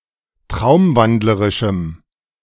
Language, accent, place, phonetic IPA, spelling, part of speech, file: German, Germany, Berlin, [ˈtʁaʊ̯mˌvandləʁɪʃm̩], traumwandlerischem, adjective, De-traumwandlerischem.ogg
- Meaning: strong dative masculine/neuter singular of traumwandlerisch